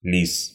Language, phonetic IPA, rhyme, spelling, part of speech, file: Russian, [lʲis], -is, лис, noun, Ru-лис.ogg
- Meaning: 1. male fox (Vulpes vulpes) 2. genitive/accusative plural of лиса́ (lisá)